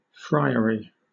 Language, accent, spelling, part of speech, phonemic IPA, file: English, Southern England, friary, noun / adjective, /ˈfɹaɪəɹi/, LL-Q1860 (eng)-friary.wav
- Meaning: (noun) A house or convent where friars (members of certain religious communities) live; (adjective) Like a friar; relating to friars or to a convent